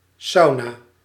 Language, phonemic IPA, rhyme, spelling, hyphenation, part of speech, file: Dutch, /ˈsɑu̯.naː/, -ɑu̯naː, sauna, sau‧na, noun, Nl-sauna.ogg
- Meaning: 1. sauna 2. a session in a sauna